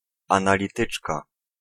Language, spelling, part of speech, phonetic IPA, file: Polish, analityczka, noun, [ˌãnalʲiˈtɨt͡ʃka], Pl-analityczka.ogg